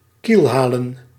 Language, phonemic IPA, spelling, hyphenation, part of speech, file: Dutch, /ˈkilˌɦaː.lə(n)/, kielhalen, kiel‧ha‧len, verb, Nl-kielhalen.ogg
- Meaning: 1. to keelhaul 2. to haul above water (so that the keel is above the waterline) 3. to torment, to torture